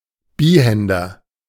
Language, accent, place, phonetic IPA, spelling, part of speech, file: German, Germany, Berlin, [ˈbiːˌhɛndɐ], Bihänder, noun, De-Bihänder.ogg
- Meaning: two-handed sword, greatsword